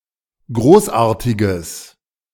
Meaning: strong/mixed nominative/accusative neuter singular of großartig
- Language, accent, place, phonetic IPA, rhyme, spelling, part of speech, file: German, Germany, Berlin, [ˈɡʁoːsˌʔaːɐ̯tɪɡəs], -oːsʔaːɐ̯tɪɡəs, großartiges, adjective, De-großartiges.ogg